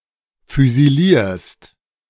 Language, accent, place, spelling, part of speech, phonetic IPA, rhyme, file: German, Germany, Berlin, füsilierst, verb, [fyziˈliːɐ̯st], -iːɐ̯st, De-füsilierst.ogg
- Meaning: second-person singular present of füsilieren